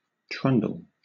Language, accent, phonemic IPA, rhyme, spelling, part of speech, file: English, Southern England, /ˈtɹʌndəl/, -ʌndəl, trundle, noun / verb, LL-Q1860 (eng)-trundle.wav
- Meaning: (noun) 1. Ellipsis of trundle bed (“a low bed on wheels that can be rolled underneath another bed”) 2. A low wagon or cart on small wheels, used to transport things 3. A small wheel or roller